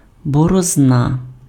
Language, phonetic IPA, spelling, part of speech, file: Ukrainian, [bɔrɔzˈna], борозна, noun, Uk-борозна.ogg
- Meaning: furrow